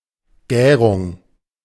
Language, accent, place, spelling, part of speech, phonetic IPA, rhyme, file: German, Germany, Berlin, Gärung, noun, [ˈɡɛːʁʊŋ], -ɛːʁʊŋ, De-Gärung.ogg
- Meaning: fermentation